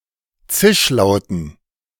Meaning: dative plural of Zischlaut
- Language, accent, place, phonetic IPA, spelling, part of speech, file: German, Germany, Berlin, [ˈt͡sɪʃˌlaʊ̯tn̩], Zischlauten, noun, De-Zischlauten.ogg